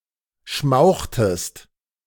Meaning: inflection of schmauchen: 1. second-person singular preterite 2. second-person singular subjunctive II
- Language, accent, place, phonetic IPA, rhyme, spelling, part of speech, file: German, Germany, Berlin, [ˈʃmaʊ̯xtəst], -aʊ̯xtəst, schmauchtest, verb, De-schmauchtest.ogg